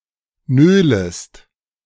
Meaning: second-person singular subjunctive I of nölen
- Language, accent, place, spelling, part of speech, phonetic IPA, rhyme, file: German, Germany, Berlin, nölest, verb, [ˈnøːləst], -øːləst, De-nölest.ogg